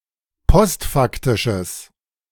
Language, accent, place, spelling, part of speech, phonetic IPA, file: German, Germany, Berlin, postfaktisches, adjective, [ˈpɔstˌfaktɪʃəs], De-postfaktisches.ogg
- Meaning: strong/mixed nominative/accusative neuter singular of postfaktisch